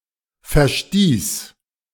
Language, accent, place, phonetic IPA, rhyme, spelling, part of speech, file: German, Germany, Berlin, [fɛɐ̯ˈʃtiːs], -iːs, verstieß, verb, De-verstieß.ogg
- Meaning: first/third-person singular preterite of verstoßen